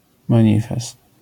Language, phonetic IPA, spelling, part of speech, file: Polish, [mãˈɲifɛst], manifest, noun, LL-Q809 (pol)-manifest.wav